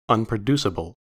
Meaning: Not capable of being produced
- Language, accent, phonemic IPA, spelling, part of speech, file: English, US, /ʌn.pɹəˈdu.sɪ.bəl/, unproduceable, adjective, En-us-unproduceable.ogg